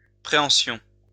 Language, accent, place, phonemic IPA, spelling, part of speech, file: French, France, Lyon, /pʁe.ɑ̃.sjɔ̃/, préhension, noun, LL-Q150 (fra)-préhension.wav
- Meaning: prehension